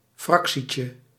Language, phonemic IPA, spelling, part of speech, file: Dutch, /ˈfrɑksicə/, fractietje, noun, Nl-fractietje.ogg
- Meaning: diminutive of fractie